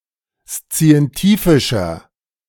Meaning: 1. comparative degree of szientifisch 2. inflection of szientifisch: strong/mixed nominative masculine singular 3. inflection of szientifisch: strong genitive/dative feminine singular
- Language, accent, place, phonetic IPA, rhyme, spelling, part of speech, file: German, Germany, Berlin, [st͡si̯ɛnˈtiːfɪʃɐ], -iːfɪʃɐ, szientifischer, adjective, De-szientifischer.ogg